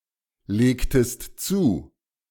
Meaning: inflection of zulegen: 1. second-person singular preterite 2. second-person singular subjunctive II
- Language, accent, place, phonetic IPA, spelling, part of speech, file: German, Germany, Berlin, [ˌleːktəst ˈt͡suː], legtest zu, verb, De-legtest zu.ogg